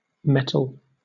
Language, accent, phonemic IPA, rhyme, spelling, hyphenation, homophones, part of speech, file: English, Southern England, /ˈmɛtəl/, -ɛtəl, mettle, met‧tle, metal, noun / adjective, LL-Q1860 (eng)-mettle.wav
- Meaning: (noun) 1. A quality of courage and endurance 2. Good temperament and character 3. Obsolete spelling of metal (“metallic substance”); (adjective) Spirited, vigorous, stout-hearted